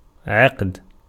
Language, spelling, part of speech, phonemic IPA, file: Arabic, عقد, verb, /ʕa.qa.da/, Ar-عقد.ogg
- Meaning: 1. to tie, knit, make a knot 2. to conclude a bargain or contract 3. to build access (to a bridge) 4. to place (the crown on one's head) 5. to make (لِ (li) someone) a leader 6. to warrant